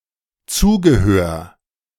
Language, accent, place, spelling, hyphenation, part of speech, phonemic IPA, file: German, Germany, Berlin, Zugehör, Zu‧ge‧hör, noun, /ˈt͡suːɡəˌhøːɐ̯/, De-Zugehör.ogg
- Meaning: alternative form of Zubehör